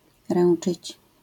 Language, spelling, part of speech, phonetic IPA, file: Polish, ręczyć, verb, [ˈrɛ̃n͇t͡ʃɨt͡ɕ], LL-Q809 (pol)-ręczyć.wav